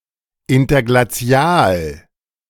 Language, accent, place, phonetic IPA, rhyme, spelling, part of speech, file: German, Germany, Berlin, [ˌɪntɐɡlaˈt͡si̯aːl], -aːl, Interglazial, noun, De-Interglazial.ogg
- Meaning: interglacial